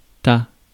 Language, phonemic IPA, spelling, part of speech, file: French, /ta/, ta, determiner, Fr-ta.ogg
- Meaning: your